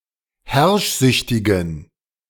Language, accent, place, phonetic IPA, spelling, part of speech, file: German, Germany, Berlin, [ˈhɛʁʃˌzʏçtɪɡn̩], herrschsüchtigen, adjective, De-herrschsüchtigen.ogg
- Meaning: inflection of herrschsüchtig: 1. strong genitive masculine/neuter singular 2. weak/mixed genitive/dative all-gender singular 3. strong/weak/mixed accusative masculine singular 4. strong dative plural